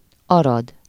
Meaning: 1. Arad (a city, the county seat of Arad County, Romania) 2. Arad (a county in western Romania)
- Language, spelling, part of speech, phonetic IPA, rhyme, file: Hungarian, Arad, proper noun, [ˈɒrɒd], -ɒd, Hu-Arad.ogg